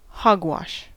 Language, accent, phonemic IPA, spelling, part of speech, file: English, US, /ˈhɔɡ.wɑʃ/, hogwash, noun, En-us-hogwash.ogg
- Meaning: 1. Foolish talk or writing; nonsense 2. A mixture of solid and liquid food scraps fed to pigs; swill